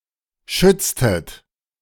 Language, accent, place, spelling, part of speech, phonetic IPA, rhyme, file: German, Germany, Berlin, schütztet, verb, [ˈʃʏt͡stət], -ʏt͡stət, De-schütztet.ogg
- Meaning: inflection of schützen: 1. second-person plural preterite 2. second-person plural subjunctive II